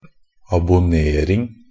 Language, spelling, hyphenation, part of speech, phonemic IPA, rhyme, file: Norwegian Bokmål, abonnering, ab‧on‧ne‧ring, noun, /abʊˈneːrɪŋ/, -ɪŋ, NB - Pronunciation of Norwegian Bokmål «abonnering».ogg
- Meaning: the act of subscribing